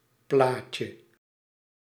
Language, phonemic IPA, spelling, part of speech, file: Dutch, /ˈplacə/, plaatje, noun, Nl-plaatje.ogg
- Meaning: 1. diminutive of plaat 2. picture 3. something adorable